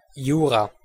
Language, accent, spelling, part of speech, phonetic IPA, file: German, Switzerland, Jura, proper noun, [ˈjuːrɑː], De-Jura.ogg
- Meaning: 1. Jura (a mountain range on the border of France and Switzerland, extending into Germany; in full, Jura Mountains) 2. the Jurassic 3. Jura (a canton of Switzerland)